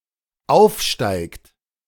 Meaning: inflection of aufsteigen: 1. third-person singular dependent present 2. second-person plural dependent present
- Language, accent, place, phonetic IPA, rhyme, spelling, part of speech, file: German, Germany, Berlin, [ˈaʊ̯fˌʃtaɪ̯kt], -aʊ̯fʃtaɪ̯kt, aufsteigt, verb, De-aufsteigt.ogg